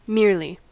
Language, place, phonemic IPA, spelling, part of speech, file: English, California, /ˈmɪɹli/, merely, adverb, En-us-merely.ogg
- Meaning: 1. Without any other reason etc.; only, just, and nothing more 2. Wholly, entirely